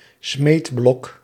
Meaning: anvil
- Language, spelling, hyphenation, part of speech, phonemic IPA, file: Dutch, smeedblok, smeed‧blok, noun, /ˈsmeːt.blɔk/, Nl-smeedblok.ogg